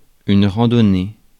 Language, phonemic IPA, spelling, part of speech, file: French, /ʁɑ̃.dɔ.ne/, randonnée, noun, Fr-randonnée.ogg
- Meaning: walk, ramble, trek (for pleasure)